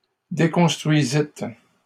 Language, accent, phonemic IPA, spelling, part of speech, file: French, Canada, /de.kɔ̃s.tʁɥi.zit/, déconstruisîtes, verb, LL-Q150 (fra)-déconstruisîtes.wav
- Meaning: second-person plural past historic of déconstruire